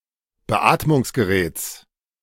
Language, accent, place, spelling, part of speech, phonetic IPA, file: German, Germany, Berlin, Beatmungsgeräts, noun, [bəˈʔaːtmʊŋsɡəˌʁɛːt͡s], De-Beatmungsgeräts.ogg
- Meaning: genitive singular of Beatmungsgerät